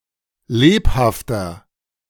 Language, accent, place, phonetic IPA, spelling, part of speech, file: German, Germany, Berlin, [ˈleːphaftɐ], lebhafter, adjective, De-lebhafter.ogg
- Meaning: inflection of lebhaft: 1. strong/mixed nominative masculine singular 2. strong genitive/dative feminine singular 3. strong genitive plural